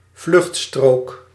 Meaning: hard shoulder (part of a road where drivers may move to in an emergency)
- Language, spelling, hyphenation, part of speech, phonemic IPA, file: Dutch, vluchtstrook, vlucht‧strook, noun, /ˈvlʏxt.stroːk/, Nl-vluchtstrook.ogg